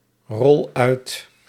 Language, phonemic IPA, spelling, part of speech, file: Dutch, /ˈrɔl ˈœyt/, rol uit, verb, Nl-rol uit.ogg
- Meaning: inflection of uitrollen: 1. first-person singular present indicative 2. second-person singular present indicative 3. imperative